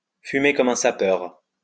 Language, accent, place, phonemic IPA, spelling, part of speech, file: French, France, Lyon, /fy.me kɔ.m‿œ̃ sa.pœʁ/, fumer comme un sapeur, verb, LL-Q150 (fra)-fumer comme un sapeur.wav
- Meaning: to be a heavy smoker, to smoke like a chimney